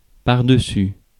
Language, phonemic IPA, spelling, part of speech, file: French, /paʁ.də.sy/, pardessus, noun, Fr-pardessus.ogg
- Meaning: overcoat (garment)